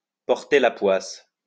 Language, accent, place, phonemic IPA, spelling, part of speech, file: French, France, Lyon, /pɔʁ.te la pwas/, porter la poisse, verb, LL-Q150 (fra)-porter la poisse.wav
- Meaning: to jinx, to bring bad luck, to bring misfortune, to be unlucky